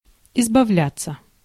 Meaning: 1. to get rid of; to rid oneself (of), to escape from, to dispose of 2. passive of избавля́ть (izbavljátʹ)
- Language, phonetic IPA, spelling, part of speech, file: Russian, [ɪzbɐˈvlʲat͡sːə], избавляться, verb, Ru-избавляться.ogg